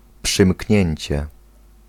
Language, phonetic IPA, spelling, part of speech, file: Polish, [pʃɨ̃ˈmʲcɲɛ̇̃ɲt͡ɕɛ], przymknięcie, noun, Pl-przymknięcie.ogg